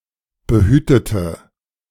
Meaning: inflection of behüten: 1. first/third-person singular preterite 2. first/third-person singular subjunctive II
- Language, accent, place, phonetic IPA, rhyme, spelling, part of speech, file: German, Germany, Berlin, [bəˈhyːtətə], -yːtətə, behütete, adjective / verb, De-behütete.ogg